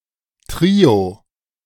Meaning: trio
- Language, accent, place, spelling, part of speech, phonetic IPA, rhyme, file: German, Germany, Berlin, Trio, noun, [ˈtʁiːo], -iːo, De-Trio.ogg